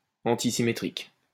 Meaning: antisymmetric
- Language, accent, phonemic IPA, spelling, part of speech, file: French, France, /ɑ̃.ti.si.me.tʁik/, antisymétrique, adjective, LL-Q150 (fra)-antisymétrique.wav